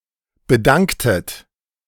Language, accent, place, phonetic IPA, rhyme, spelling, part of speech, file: German, Germany, Berlin, [bəˈdaŋktət], -aŋktət, bedanktet, verb, De-bedanktet.ogg
- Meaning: inflection of bedanken: 1. second-person plural preterite 2. second-person plural subjunctive II